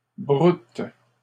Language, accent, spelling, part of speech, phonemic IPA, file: French, Canada, broute, verb, /bʁut/, LL-Q150 (fra)-broute.wav
- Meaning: inflection of brouter: 1. first/third-person singular present indicative/subjunctive 2. second-person singular imperative